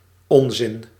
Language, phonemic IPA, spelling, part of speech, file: Dutch, /ˈɔnzɪn/, onzin, noun, Nl-onzin.ogg
- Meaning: nonsense